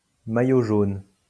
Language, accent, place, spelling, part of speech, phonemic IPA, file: French, France, Lyon, maillot jaune, noun, /ma.jo ʒon/, LL-Q150 (fra)-maillot jaune.wav
- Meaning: yellow jersey (shirt worn by the leader in the Tour de France)